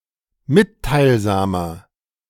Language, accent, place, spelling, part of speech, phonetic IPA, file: German, Germany, Berlin, mitteilsamer, adjective, [ˈmɪttaɪ̯lˌzaːmɐ], De-mitteilsamer.ogg
- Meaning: 1. comparative degree of mitteilsam 2. inflection of mitteilsam: strong/mixed nominative masculine singular 3. inflection of mitteilsam: strong genitive/dative feminine singular